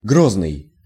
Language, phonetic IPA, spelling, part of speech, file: Russian, [ˈɡroznɨj], грозный, adjective, Ru-грозный.ogg
- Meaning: 1. severe, harsh, cruel 2. fearsome, formidable, threatening, menacing